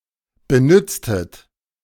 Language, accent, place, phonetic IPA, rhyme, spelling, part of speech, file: German, Germany, Berlin, [bəˈnʏt͡stət], -ʏt͡stət, benütztet, verb, De-benütztet.ogg
- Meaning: inflection of benützen: 1. second-person plural preterite 2. second-person plural subjunctive II